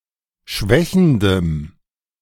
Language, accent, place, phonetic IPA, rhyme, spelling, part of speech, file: German, Germany, Berlin, [ˈʃvɛçn̩dəm], -ɛçn̩dəm, schwächendem, adjective, De-schwächendem.ogg
- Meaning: strong dative masculine/neuter singular of schwächend